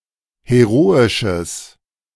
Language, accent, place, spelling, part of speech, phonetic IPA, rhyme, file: German, Germany, Berlin, heroisches, adjective, [heˈʁoːɪʃəs], -oːɪʃəs, De-heroisches.ogg
- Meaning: strong/mixed nominative/accusative neuter singular of heroisch